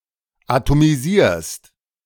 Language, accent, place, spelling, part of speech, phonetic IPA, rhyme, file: German, Germany, Berlin, atomisierst, verb, [atomiˈziːɐ̯st], -iːɐ̯st, De-atomisierst.ogg
- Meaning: second-person singular present of atomisieren